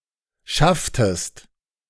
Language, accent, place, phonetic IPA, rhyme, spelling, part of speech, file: German, Germany, Berlin, [ˈʃaftəst], -aftəst, schafftest, verb, De-schafftest.ogg
- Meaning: inflection of schaffen: 1. second-person singular preterite 2. second-person singular subjunctive II